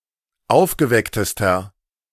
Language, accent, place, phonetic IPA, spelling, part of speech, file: German, Germany, Berlin, [ˈaʊ̯fɡəˌvɛktəstɐ], aufgewecktester, adjective, De-aufgewecktester.ogg
- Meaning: inflection of aufgeweckt: 1. strong/mixed nominative masculine singular superlative degree 2. strong genitive/dative feminine singular superlative degree 3. strong genitive plural superlative degree